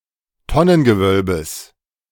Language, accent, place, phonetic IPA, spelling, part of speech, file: German, Germany, Berlin, [ˈtɔnənɡəˌvœlbəs], Tonnengewölbes, noun, De-Tonnengewölbes.ogg
- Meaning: genitive singular of Tonnengewölbe